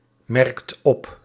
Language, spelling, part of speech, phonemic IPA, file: Dutch, merkt op, verb, /ˈmɛrᵊkt ˈɔp/, Nl-merkt op.ogg
- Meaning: inflection of opmerken: 1. second/third-person singular present indicative 2. plural imperative